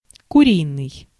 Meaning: 1. chicken 2. limited, narrow-minded
- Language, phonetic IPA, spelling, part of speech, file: Russian, [kʊˈrʲinɨj], куриный, adjective, Ru-куриный.ogg